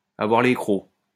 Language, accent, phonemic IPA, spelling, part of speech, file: French, France, /a.vwaʁ le kʁo/, avoir les crocs, verb, LL-Q150 (fra)-avoir les crocs.wav
- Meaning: to be hungry